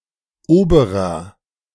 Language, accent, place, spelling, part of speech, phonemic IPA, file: German, Germany, Berlin, oberer, adjective, /ˈoːbəʁɐ/, De-oberer.ogg
- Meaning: 1. upper 2. superior